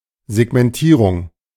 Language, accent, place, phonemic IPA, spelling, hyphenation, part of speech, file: German, Germany, Berlin, /zɛɡmɛnˈtiːʁʊŋ/, Segmentierung, Seg‧men‧tie‧rung, noun, De-Segmentierung.ogg
- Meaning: segmentation